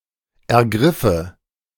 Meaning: first/third-person singular subjunctive II of ergreifen
- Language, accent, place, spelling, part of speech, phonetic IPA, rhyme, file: German, Germany, Berlin, ergriffe, verb, [ɛɐ̯ˈɡʁɪfə], -ɪfə, De-ergriffe.ogg